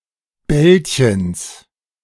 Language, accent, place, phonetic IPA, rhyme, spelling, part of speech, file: German, Germany, Berlin, [ˈbɛlçəns], -ɛlçəns, Bällchens, noun, De-Bällchens.ogg
- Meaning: genitive singular of Bällchen